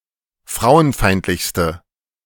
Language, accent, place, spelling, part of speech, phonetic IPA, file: German, Germany, Berlin, frauenfeindlichste, adjective, [ˈfʁaʊ̯ənˌfaɪ̯ntlɪçstə], De-frauenfeindlichste.ogg
- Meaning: inflection of frauenfeindlich: 1. strong/mixed nominative/accusative feminine singular superlative degree 2. strong nominative/accusative plural superlative degree